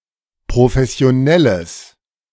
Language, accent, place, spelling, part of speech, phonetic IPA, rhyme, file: German, Germany, Berlin, professionelles, adjective, [pʁofɛsi̯oˈnɛləs], -ɛləs, De-professionelles.ogg
- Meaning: strong/mixed nominative/accusative neuter singular of professionell